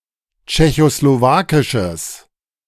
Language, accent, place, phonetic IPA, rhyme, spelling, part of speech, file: German, Germany, Berlin, [t͡ʃɛçosloˈvaːkɪʃəs], -aːkɪʃəs, tschechoslowakisches, adjective, De-tschechoslowakisches.ogg
- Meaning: strong/mixed nominative/accusative neuter singular of tschechoslowakisch